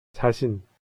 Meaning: 1. one's body 2. oneself (as a reflexive pronoun, often in the intensive form 자기 자신) 3. oneself (as an intensifier) 4. self-confidence
- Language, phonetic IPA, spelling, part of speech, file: Korean, [t͡ɕa̠ɕʰin], 자신, noun, Ko-자신.ogg